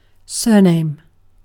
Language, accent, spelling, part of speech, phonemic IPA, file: English, UK, surname, noun / verb, /ˈsɜːˌneɪm/, En-uk-surname.ogg